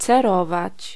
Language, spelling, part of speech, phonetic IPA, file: Polish, cerować, verb, [t͡sɛˈrɔvat͡ɕ], Pl-cerować.ogg